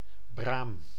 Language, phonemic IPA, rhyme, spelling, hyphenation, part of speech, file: Dutch, /braːm/, -aːm, braam, braam, noun, Nl-braam.ogg
- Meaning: 1. a bramble, a common blackberry shrub (Rubus fruticosus) 2. a common blackberry, a bramble (fruit) 3. one of certain other shrubs of the genus Rubus or their fruits